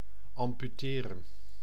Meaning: 1. to amputate, surgically remove a body part 2. to remove something essential, to maim, weaken greatly
- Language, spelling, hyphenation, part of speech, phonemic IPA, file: Dutch, amputeren, am‧pu‧te‧ren, verb, /ɑmpyˈteːrə(n)/, Nl-amputeren.ogg